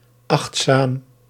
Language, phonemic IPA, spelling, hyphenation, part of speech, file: Dutch, /ˈɑxt.saːm/, achtzaam, acht‧zaam, adjective, Nl-achtzaam.ogg
- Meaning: attentive, careful